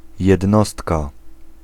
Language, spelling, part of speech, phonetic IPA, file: Polish, jednostka, noun, [jɛdˈnɔstka], Pl-jednostka.ogg